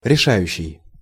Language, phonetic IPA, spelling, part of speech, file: Russian, [rʲɪˈʂajʉɕːɪj], решающий, verb / adjective, Ru-решающий.ogg
- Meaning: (verb) present active imperfective participle of реша́ть (rešátʹ); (adjective) decisive, deciding, critical, crucial, vital, climacteric